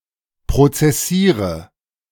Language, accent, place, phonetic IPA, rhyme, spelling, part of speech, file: German, Germany, Berlin, [pʁot͡sɛˈsiːʁə], -iːʁə, prozessiere, verb, De-prozessiere.ogg
- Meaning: inflection of prozessieren: 1. first-person singular present 2. first/third-person singular subjunctive I 3. singular imperative